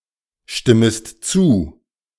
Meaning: second-person singular subjunctive I of zustimmen
- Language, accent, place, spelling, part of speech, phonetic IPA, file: German, Germany, Berlin, stimmest zu, verb, [ˌʃtɪməst ˈt͡suː], De-stimmest zu.ogg